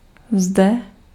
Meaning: here
- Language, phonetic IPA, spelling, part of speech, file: Czech, [ˈzdɛ], zde, adverb, Cs-zde.ogg